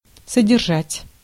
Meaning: 1. to contain, to hold 2. to maintain, to keep (in a certain state) 3. to support, to keep, to provide with all necessities
- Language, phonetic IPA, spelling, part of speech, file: Russian, [sədʲɪrˈʐatʲ], содержать, verb, Ru-содержать.ogg